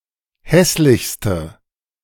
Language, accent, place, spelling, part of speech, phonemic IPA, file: German, Germany, Berlin, hässlichste, adjective, /ˈhɛslɪçstə/, De-hässlichste.ogg
- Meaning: inflection of hässlich: 1. strong/mixed nominative/accusative feminine singular superlative degree 2. strong nominative/accusative plural superlative degree